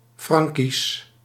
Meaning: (adjective) Frankish, Franconian (related to the Franks or the areas they inhabited); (proper noun) 1. the Franconian languages 2. the Old Frankish language
- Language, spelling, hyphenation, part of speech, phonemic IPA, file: Dutch, Frankisch, Fran‧kisch, adjective / proper noun, /ˈfrɑŋ.kis/, Nl-Frankisch.ogg